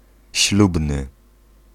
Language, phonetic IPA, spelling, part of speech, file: Polish, [ˈɕlubnɨ], ślubny, adjective / noun, Pl-ślubny.ogg